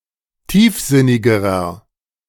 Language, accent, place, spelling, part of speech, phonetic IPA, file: German, Germany, Berlin, tiefsinnigerer, adjective, [ˈtiːfˌzɪnɪɡəʁɐ], De-tiefsinnigerer.ogg
- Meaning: inflection of tiefsinnig: 1. strong/mixed nominative masculine singular comparative degree 2. strong genitive/dative feminine singular comparative degree 3. strong genitive plural comparative degree